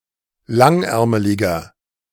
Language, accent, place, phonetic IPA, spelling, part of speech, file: German, Germany, Berlin, [ˈlaŋˌʔɛʁməlɪɡɐ], langärmeliger, adjective, De-langärmeliger.ogg
- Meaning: inflection of langärmelig: 1. strong/mixed nominative masculine singular 2. strong genitive/dative feminine singular 3. strong genitive plural